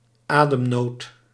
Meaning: shortness of breath, dyspnea
- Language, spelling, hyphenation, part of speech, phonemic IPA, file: Dutch, ademnood, adem‧nood, noun, /ˈaː.dəmˌnoːt/, Nl-ademnood.ogg